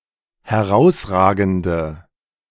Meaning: inflection of herausragend: 1. strong/mixed nominative/accusative feminine singular 2. strong nominative/accusative plural 3. weak nominative all-gender singular
- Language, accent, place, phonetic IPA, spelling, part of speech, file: German, Germany, Berlin, [hɛˈʁaʊ̯sˌʁaːɡn̩də], herausragende, adjective, De-herausragende.ogg